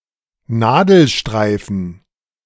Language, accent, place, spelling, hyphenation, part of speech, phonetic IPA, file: German, Germany, Berlin, Nadelstreifen, Na‧del‧strei‧fen, noun, [ˈnaːdl̩ˌʃtʁaɪ̯fn̩], De-Nadelstreifen.ogg
- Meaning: pinstripe